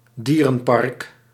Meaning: 1. a zoo 2. a wildlife park
- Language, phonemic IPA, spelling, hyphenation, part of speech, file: Dutch, /ˈdiː.rə(n)ˌpɑrk/, dierenpark, die‧ren‧park, noun, Nl-dierenpark.ogg